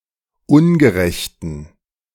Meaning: inflection of ungerecht: 1. strong genitive masculine/neuter singular 2. weak/mixed genitive/dative all-gender singular 3. strong/weak/mixed accusative masculine singular 4. strong dative plural
- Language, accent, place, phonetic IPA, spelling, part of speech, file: German, Germany, Berlin, [ˈʊnɡəˌʁɛçtn̩], ungerechten, adjective, De-ungerechten.ogg